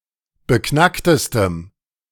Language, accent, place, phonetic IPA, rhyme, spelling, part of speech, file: German, Germany, Berlin, [bəˈknaktəstəm], -aktəstəm, beknacktestem, adjective, De-beknacktestem.ogg
- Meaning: strong dative masculine/neuter singular superlative degree of beknackt